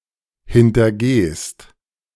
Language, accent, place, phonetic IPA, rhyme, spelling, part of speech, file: German, Germany, Berlin, [hɪntɐˈɡeːst], -eːst, hintergehst, verb, De-hintergehst.ogg
- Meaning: second-person singular present of hintergehen